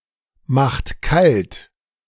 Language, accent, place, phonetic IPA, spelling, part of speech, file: German, Germany, Berlin, [ˌmaxt ˈkalt], macht kalt, verb, De-macht kalt.ogg
- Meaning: inflection of kaltmachen: 1. second-person plural present 2. third-person singular present 3. plural imperative